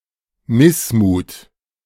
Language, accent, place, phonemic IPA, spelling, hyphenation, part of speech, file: German, Germany, Berlin, /ˈmɪsmuːt/, Missmut, Miss‧mut, noun, De-Missmut.ogg
- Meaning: discontent, moroseness